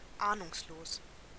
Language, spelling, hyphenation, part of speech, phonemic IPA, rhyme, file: German, ahnungslos, ah‧nungs‧los, adjective, /ˈaːnʊŋsˌloːs/, -oːs, De-ahnungslos.ogg
- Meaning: clueless